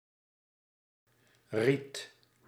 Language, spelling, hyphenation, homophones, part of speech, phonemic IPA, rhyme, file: Dutch, riet, riet, Ried, noun, /rit/, -it, Nl-riet.ogg
- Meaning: reed